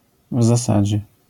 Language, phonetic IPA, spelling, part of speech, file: Polish, [v‿zaˈsad͡ʑɛ], w zasadzie, particle, LL-Q809 (pol)-w zasadzie.wav